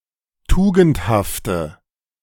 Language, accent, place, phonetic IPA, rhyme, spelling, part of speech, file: German, Germany, Berlin, [ˈtuːɡn̩thaftə], -uːɡn̩thaftə, tugendhafte, adjective, De-tugendhafte.ogg
- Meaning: inflection of tugendhaft: 1. strong/mixed nominative/accusative feminine singular 2. strong nominative/accusative plural 3. weak nominative all-gender singular